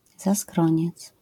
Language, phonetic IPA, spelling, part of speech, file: Polish, [zaˈskrɔ̃ɲɛt͡s], zaskroniec, noun, LL-Q809 (pol)-zaskroniec.wav